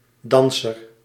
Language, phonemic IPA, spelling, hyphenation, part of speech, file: Dutch, /ˈdɑnsər/, danser, dan‧ser, noun, Nl-danser.ogg
- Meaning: dancer, person who dances